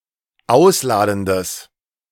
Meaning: strong/mixed nominative/accusative neuter singular of ausladend
- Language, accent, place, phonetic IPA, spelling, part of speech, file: German, Germany, Berlin, [ˈaʊ̯sˌlaːdn̩dəs], ausladendes, adjective, De-ausladendes.ogg